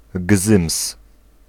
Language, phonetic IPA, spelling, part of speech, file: Polish, [ɡzɨ̃ms], gzyms, noun, Pl-gzyms.ogg